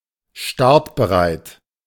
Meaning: ready to go (used for vehicles typically)
- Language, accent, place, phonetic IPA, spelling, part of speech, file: German, Germany, Berlin, [ˈʃtaʁtbəˌʁaɪ̯t], startbereit, adjective, De-startbereit.ogg